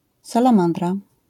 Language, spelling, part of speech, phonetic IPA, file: Polish, salamandra, noun, [ˌsalãˈmãndra], LL-Q809 (pol)-salamandra.wav